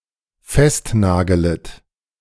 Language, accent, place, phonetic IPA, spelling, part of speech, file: German, Germany, Berlin, [ˈfɛstˌnaːɡələt], festnagelet, verb, De-festnagelet.ogg
- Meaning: second-person plural dependent subjunctive I of festnageln